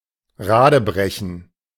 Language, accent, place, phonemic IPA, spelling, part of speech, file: German, Germany, Berlin, /ˈʁaːdəˌbʁɛçən/, radebrechen, verb, De-radebrechen.ogg
- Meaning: 1. to smatter, to butcher (speak a language with very limited knowledge) 2. to break on the wheel